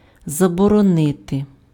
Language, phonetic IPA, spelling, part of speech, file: Ukrainian, [zɐbɔrɔˈnɪte], заборонити, verb, Uk-заборонити.ogg
- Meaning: to forbid, to prohibit, to ban